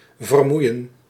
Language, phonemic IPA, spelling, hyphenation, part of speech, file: Dutch, /vərˈmui̯ə(n)/, vermoeien, ver‧moe‧ien, verb, Nl-vermoeien.ogg
- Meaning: to tire (to make sleepy)